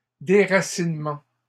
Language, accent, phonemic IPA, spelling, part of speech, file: French, Canada, /de.ʁa.sin.mɑ̃/, déracinements, noun, LL-Q150 (fra)-déracinements.wav
- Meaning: plural of déracinement